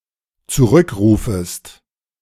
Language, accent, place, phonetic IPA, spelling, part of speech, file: German, Germany, Berlin, [t͡suˈʁʏkˌʁuːfəst], zurückrufest, verb, De-zurückrufest.ogg
- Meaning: second-person singular dependent subjunctive I of zurückrufen